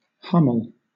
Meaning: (noun) A stag that has failed to grow antlers; a cow that has not developed horns
- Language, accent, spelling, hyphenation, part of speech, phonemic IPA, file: English, Southern England, hummel, hum‧mel, noun / verb, /ˈhʌm(ə)l/, LL-Q1860 (eng)-hummel.wav